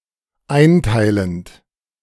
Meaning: present participle of einteilen
- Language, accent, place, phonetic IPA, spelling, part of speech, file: German, Germany, Berlin, [ˈaɪ̯nˌtaɪ̯lənt], einteilend, verb, De-einteilend.ogg